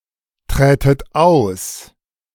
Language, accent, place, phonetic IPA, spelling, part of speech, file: German, Germany, Berlin, [ˌtʁɛːtət ˈaʊ̯s], trätet aus, verb, De-trätet aus.ogg
- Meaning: second-person plural subjunctive II of austreten